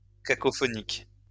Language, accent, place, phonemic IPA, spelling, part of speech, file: French, France, Lyon, /ka.kɔ.fɔ.nik/, cacophonique, adjective, LL-Q150 (fra)-cacophonique.wav
- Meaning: cacophonous